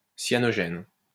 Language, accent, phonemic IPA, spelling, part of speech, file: French, France, /sja.nɔ.ʒɛn/, cyanogène, noun, LL-Q150 (fra)-cyanogène.wav
- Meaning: cyanogen